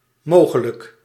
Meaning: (adjective) possible; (adverb) possibly
- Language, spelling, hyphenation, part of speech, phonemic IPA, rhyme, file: Dutch, mogelijk, mo‧ge‧lijk, adjective / adverb, /ˈmoː.ɣə.lək/, -oːɣələk, Nl-mogelijk.ogg